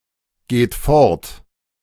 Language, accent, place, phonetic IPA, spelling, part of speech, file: German, Germany, Berlin, [ˌɡeːt ˈfɔʁt], geht fort, verb, De-geht fort.ogg
- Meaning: inflection of fortgehen: 1. third-person singular present 2. second-person plural present 3. plural imperative